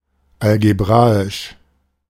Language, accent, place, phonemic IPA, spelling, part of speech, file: German, Germany, Berlin, /alɡəˈbʁaːɪʃ/, algebraisch, adjective, De-algebraisch.ogg
- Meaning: algebraic